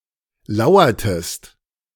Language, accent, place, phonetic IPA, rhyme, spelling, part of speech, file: German, Germany, Berlin, [ˈlaʊ̯ɐtəst], -aʊ̯ɐtəst, lauertest, verb, De-lauertest.ogg
- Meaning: inflection of lauern: 1. second-person singular preterite 2. second-person singular subjunctive II